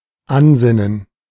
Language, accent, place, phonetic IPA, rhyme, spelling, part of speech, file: German, Germany, Berlin, [ˈanˌzɪnən], -anzɪnən, Ansinnen, noun, De-Ansinnen.ogg
- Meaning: request; imposition